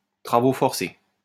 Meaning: hard labor (penal)
- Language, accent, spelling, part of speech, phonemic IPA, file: French, France, travaux forcés, noun, /tʁa.vo fɔʁ.se/, LL-Q150 (fra)-travaux forcés.wav